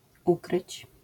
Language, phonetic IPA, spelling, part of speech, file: Polish, [ˈukrɨt͡ɕ], ukryć, verb, LL-Q809 (pol)-ukryć.wav